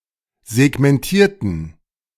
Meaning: inflection of segmentieren: 1. first/third-person plural preterite 2. first/third-person plural subjunctive II
- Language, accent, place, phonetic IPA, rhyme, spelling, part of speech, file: German, Germany, Berlin, [zɛɡmɛnˈtiːɐ̯tn̩], -iːɐ̯tn̩, segmentierten, adjective / verb, De-segmentierten.ogg